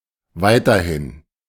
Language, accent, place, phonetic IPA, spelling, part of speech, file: German, Germany, Berlin, [ˈvaɪ̯tɐhɪn], weiterhin, adverb, De-weiterhin.ogg
- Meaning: 1. still 2. also, going further 3. farther, further